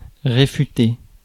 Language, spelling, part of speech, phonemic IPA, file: French, réfuter, verb, /ʁe.fy.te/, Fr-réfuter.ogg
- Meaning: to refute, to disprove